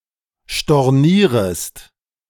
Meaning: second-person singular subjunctive I of stornieren
- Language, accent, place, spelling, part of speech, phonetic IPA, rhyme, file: German, Germany, Berlin, stornierest, verb, [ʃtɔʁˈniːʁəst], -iːʁəst, De-stornierest.ogg